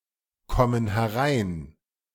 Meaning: inflection of hereinkommen: 1. first/third-person plural present 2. first/third-person plural subjunctive I
- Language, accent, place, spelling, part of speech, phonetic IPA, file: German, Germany, Berlin, kommen herein, verb, [ˌkɔmən hɛˈʁaɪ̯n], De-kommen herein.ogg